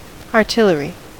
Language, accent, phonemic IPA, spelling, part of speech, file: English, US, /ɑɹˈtɪləɹi/, artillery, noun, En-us-artillery.ogg
- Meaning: 1. Large projectile weapons, in modern usage usually large guns, but also rocket artillery 2. An army unit that uses such weapons, or a military formation using projectile weapons, such as archers